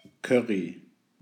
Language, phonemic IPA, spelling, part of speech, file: German, /ˈkœʁi/, Curry, noun, De-Curry.ogg
- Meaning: 1. curry (sauce or relish flavored with curry powder) 2. curry powder 3. ellipsis of Currywurst